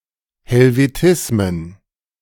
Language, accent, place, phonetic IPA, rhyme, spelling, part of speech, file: German, Germany, Berlin, [hɛlveˈtɪsmən], -ɪsmən, Helvetismen, noun, De-Helvetismen.ogg
- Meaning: plural of Helvetismus